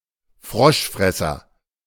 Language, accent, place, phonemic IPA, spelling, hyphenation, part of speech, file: German, Germany, Berlin, /ˈfʁɔʃˌfʁɛsɐ/, Froschfresser, Frosch‧fres‧ser, noun, De-Froschfresser.ogg
- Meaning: 1. frog eater, someone or something that eats frogs 2. frogeater, a French person